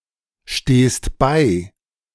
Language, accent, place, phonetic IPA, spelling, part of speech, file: German, Germany, Berlin, [ˌʃteːst ˈbaɪ̯], stehst bei, verb, De-stehst bei.ogg
- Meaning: second-person singular present of beistehen